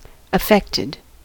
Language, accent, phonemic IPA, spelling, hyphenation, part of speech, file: English, US, /əˈfɛktɪd/, affected, af‧fect‧ed, adjective / noun / verb, En-us-affected.ogg
- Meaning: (adjective) 1. Influenced or changed by something 2. Simulated in order to impress 3. Emotionally moved; touched 4. adfected 5. Resulting from a mostly negative physical effect or transformation